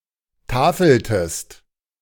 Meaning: inflection of tafeln: 1. second-person singular preterite 2. second-person singular subjunctive II
- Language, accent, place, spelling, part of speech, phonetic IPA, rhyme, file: German, Germany, Berlin, tafeltest, verb, [ˈtaːfl̩təst], -aːfl̩təst, De-tafeltest.ogg